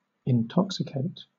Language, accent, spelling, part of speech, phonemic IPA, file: English, Southern England, intoxicate, verb, /ɪnˈtɒksɪkeɪt/, LL-Q1860 (eng)-intoxicate.wav
- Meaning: 1. To stupefy by doping with chemical substances such as alcohol 2. To excite to enthusiasm or madness